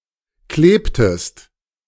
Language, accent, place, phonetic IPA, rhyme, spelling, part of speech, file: German, Germany, Berlin, [ˈkleːptəst], -eːptəst, klebtest, verb, De-klebtest.ogg
- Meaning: inflection of kleben: 1. second-person singular preterite 2. second-person singular subjunctive II